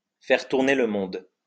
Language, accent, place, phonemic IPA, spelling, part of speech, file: French, France, Lyon, /fɛʁ tuʁ.ne l(ə) mɔ̃d/, faire tourner le monde, verb, LL-Q150 (fra)-faire tourner le monde.wav
- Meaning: to make the world go round